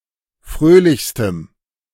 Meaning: strong dative masculine/neuter singular superlative degree of fröhlich
- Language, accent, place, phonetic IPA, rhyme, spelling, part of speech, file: German, Germany, Berlin, [ˈfʁøːlɪçstəm], -øːlɪçstəm, fröhlichstem, adjective, De-fröhlichstem.ogg